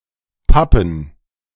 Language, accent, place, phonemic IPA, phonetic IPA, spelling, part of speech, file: German, Germany, Berlin, /ˈpapən/, [ˈpapm̩], pappen, verb, De-pappen.ogg
- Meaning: 1. to stick or glue something, especially carelessly or inadequately, e.g. by means of water or some makeshift adhesive 2. to stick or be glued in such a way